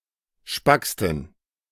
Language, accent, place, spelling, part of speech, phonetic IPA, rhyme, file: German, Germany, Berlin, spacksten, adjective, [ˈʃpakstn̩], -akstn̩, De-spacksten.ogg
- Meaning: 1. superlative degree of spack 2. inflection of spack: strong genitive masculine/neuter singular superlative degree